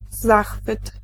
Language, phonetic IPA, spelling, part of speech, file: Polish, [ˈzaxfɨt], zachwyt, noun, Pl-zachwyt.ogg